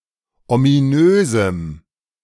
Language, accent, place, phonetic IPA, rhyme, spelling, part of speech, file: German, Germany, Berlin, [omiˈnøːzm̩], -øːzm̩, ominösem, adjective, De-ominösem.ogg
- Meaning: strong dative masculine/neuter singular of ominös